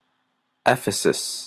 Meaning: An ancient Greek city in Anatolia, near Selçuk in modern İzmir Province, Turkey
- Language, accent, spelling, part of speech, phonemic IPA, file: English, Canada, Ephesus, proper noun, /ˈɛfɪsəs/, En-ca-Ephesus.opus